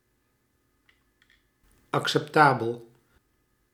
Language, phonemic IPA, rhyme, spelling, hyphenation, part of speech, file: Dutch, /ˌɑk.sɛpˈtaː.bəl/, -aːbəl, acceptabel, acceptabel, adjective, Nl-acceptabel.ogg
- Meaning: acceptable